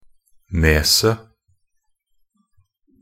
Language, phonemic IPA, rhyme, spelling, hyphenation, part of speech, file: Norwegian Bokmål, /ˈneːsə/, -eːsə, neset, ne‧set, noun, Nb-neset.ogg
- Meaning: definite singular of nes